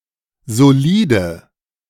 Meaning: 1. alternative form of solid 2. inflection of solid: strong/mixed nominative/accusative feminine singular 3. inflection of solid: strong nominative/accusative plural
- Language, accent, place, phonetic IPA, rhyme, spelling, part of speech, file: German, Germany, Berlin, [zoˈliːdə], -iːdə, solide, adjective, De-solide.ogg